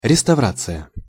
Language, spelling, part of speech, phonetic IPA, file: Russian, реставрация, noun, [rʲɪstɐˈvrat͡sɨjə], Ru-реставрация.ogg
- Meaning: restoration (the process of bringing an object back to its original state)